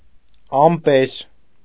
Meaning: nominative plural of ամպ (amp)
- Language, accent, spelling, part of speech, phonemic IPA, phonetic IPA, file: Armenian, Eastern Armenian, ամպեր, noun, /ɑmˈpeɾ/, [ɑmpéɾ], Hy-ամպեր.ogg